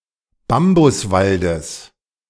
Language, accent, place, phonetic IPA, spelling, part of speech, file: German, Germany, Berlin, [ˈbambʊsˌvaldəs], Bambuswaldes, noun, De-Bambuswaldes.ogg
- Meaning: genitive singular of Bambuswald